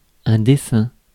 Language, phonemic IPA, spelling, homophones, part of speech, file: French, /de.sɛ̃/, dessin, dessein, noun, Fr-dessin.ogg
- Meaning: 1. drawing (act of drawing) 2. drawing (drawn picture) 3. design (pattern)